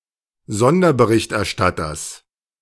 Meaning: genitive singular of Sonderberichterstatter
- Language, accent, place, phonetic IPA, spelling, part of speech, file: German, Germany, Berlin, [ˈzɔndɐbəʁɪçtʔɛɐ̯ˌʃtatɐs], Sonderberichterstatters, noun, De-Sonderberichterstatters.ogg